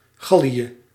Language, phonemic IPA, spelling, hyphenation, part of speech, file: Dutch, /ˈɣɑ.li.ə/, Gallië, Gal‧lië, proper noun, Nl-Gallië.ogg